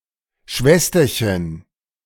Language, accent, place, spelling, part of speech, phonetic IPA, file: German, Germany, Berlin, Schwesterchen, noun, [ˈʃvɛstɐçən], De-Schwesterchen.ogg
- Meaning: diminutive of Schwester; little sister